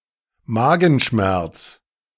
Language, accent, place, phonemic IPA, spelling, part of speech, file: German, Germany, Berlin, /ˈmaːɡn̩ˌʃmɛʁt͡s/, Magenschmerz, noun, De-Magenschmerz.ogg
- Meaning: stomach ache